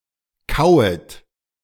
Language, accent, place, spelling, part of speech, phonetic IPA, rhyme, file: German, Germany, Berlin, kauet, verb, [ˈkaʊ̯ət], -aʊ̯ət, De-kauet.ogg
- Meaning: second-person plural subjunctive I of kauen